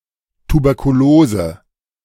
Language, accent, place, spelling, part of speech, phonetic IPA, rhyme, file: German, Germany, Berlin, Tuberkulose, noun, [tubɛʁkuˈloːzə], -oːzə, De-Tuberkulose.ogg
- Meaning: tuberculosis